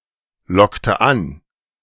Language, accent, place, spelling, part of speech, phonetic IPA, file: German, Germany, Berlin, lockte an, verb, [ˌlɔktə ˈan], De-lockte an.ogg
- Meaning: inflection of anlocken: 1. first/third-person singular preterite 2. first/third-person singular subjunctive II